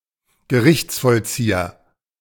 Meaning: bailiff, huissier de justice
- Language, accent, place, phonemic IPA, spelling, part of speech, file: German, Germany, Berlin, /ɡəˈʁɪçt͡sfɔlˌt͡siːɐ/, Gerichtsvollzieher, noun, De-Gerichtsvollzieher.ogg